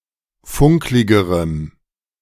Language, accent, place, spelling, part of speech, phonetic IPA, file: German, Germany, Berlin, funkligerem, adjective, [ˈfʊŋklɪɡəʁəm], De-funkligerem.ogg
- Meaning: strong dative masculine/neuter singular comparative degree of funklig